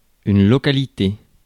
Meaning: place, locality
- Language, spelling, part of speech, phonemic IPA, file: French, localité, noun, /lɔ.ka.li.te/, Fr-localité.ogg